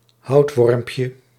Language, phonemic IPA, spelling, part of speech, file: Dutch, /ˈhɑutwɔrᵊmpjə/, houtwormpje, noun, Nl-houtwormpje.ogg
- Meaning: diminutive of houtworm